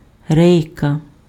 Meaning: 1. rail 2. slat 3. measuring rod
- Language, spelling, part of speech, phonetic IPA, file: Ukrainian, рейка, noun, [ˈrɛi̯kɐ], Uk-рейка.ogg